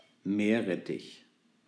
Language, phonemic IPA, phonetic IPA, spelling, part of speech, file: German, /ˈmeː(r)ˌrɛtɪç/, [ˈmeː(ɐ̯)ˌʁɛtɪç], Meerrettich, noun, De-Meerrettich.ogg
- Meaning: 1. horseradish 2. a white condiment or sauce made from horseradish, oil, vinegar, and often cream